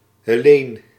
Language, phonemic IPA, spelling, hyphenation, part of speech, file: Dutch, /ɦeːˈleːn/, Heleen, He‧leen, proper noun, Nl-Heleen.ogg
- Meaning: a female given name, a nativised variant of Helena (=Helen)